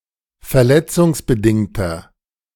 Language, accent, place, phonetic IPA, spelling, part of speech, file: German, Germany, Berlin, [fɛɐ̯ˈlɛt͡sʊŋsbəˌdɪŋtɐ], verletzungsbedingter, adjective, De-verletzungsbedingter.ogg
- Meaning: inflection of verletzungsbedingt: 1. strong/mixed nominative masculine singular 2. strong genitive/dative feminine singular 3. strong genitive plural